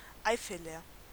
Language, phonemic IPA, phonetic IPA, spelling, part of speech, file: German, /ˈaɪ̯fələʁ/, [ˈʔaɪ̯.fə.lɐ], Eifeler, noun / adjective, De-Eifeler.ogg
- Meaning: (noun) a native or inhabitant of Eifel; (adjective) of Eifel